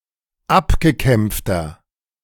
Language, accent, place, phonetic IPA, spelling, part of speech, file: German, Germany, Berlin, [ˈapɡəˌkɛmp͡ftɐ], abgekämpfter, adjective, De-abgekämpfter.ogg
- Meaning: 1. comparative degree of abgekämpft 2. inflection of abgekämpft: strong/mixed nominative masculine singular 3. inflection of abgekämpft: strong genitive/dative feminine singular